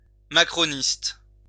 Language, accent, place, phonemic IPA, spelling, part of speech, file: French, France, Lyon, /ma.kʁɔ.nist/, macroniste, adjective / noun, LL-Q150 (fra)-macroniste.wav
- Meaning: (adjective) Macronist